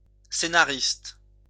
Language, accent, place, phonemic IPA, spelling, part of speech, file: French, France, Lyon, /se.na.ʁist/, scénariste, noun, LL-Q150 (fra)-scénariste.wav
- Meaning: screenwriter, scriptwriter